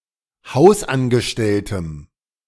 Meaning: strong dative singular of Hausangestellter
- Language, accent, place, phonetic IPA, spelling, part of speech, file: German, Germany, Berlin, [ˈhaʊ̯sʔanɡəˌʃtɛltəm], Hausangestelltem, noun, De-Hausangestelltem.ogg